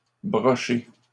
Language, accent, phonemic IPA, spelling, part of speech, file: French, Canada, /bʁɔ.ʃe/, brocher, verb, LL-Q150 (fra)-brocher.wav
- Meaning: 1. to stitch, sew (together) 2. to brocade